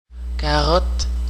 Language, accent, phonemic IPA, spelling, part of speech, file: French, Canada, /ka.ʁɔt/, carotte, noun, Qc-carotte.ogg
- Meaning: 1. carrot (vegetable) 2. carotte (cylindrical roll of tobacco) 3. the red sign outside a tabac or bar-tabac 4. core sample (of sediment, ice, etc)